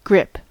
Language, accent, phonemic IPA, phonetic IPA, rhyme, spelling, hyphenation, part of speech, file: English, US, /ˈɡɹɪp/, [ˈɡɹʷɪp], -ɪp, grip, grip, verb / noun, En-us-grip.ogg
- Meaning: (verb) 1. To take hold (of), particularly with the hand 2. To figuratively take hold of or grasp 3. Of an emotion or situation: to have a strong effect upon 4. To firmly hold the attention of